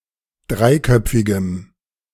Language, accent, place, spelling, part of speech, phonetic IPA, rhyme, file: German, Germany, Berlin, dreiköpfigem, adjective, [ˈdʁaɪ̯ˌkœp͡fɪɡəm], -aɪ̯kœp͡fɪɡəm, De-dreiköpfigem.ogg
- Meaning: strong dative masculine/neuter singular of dreiköpfig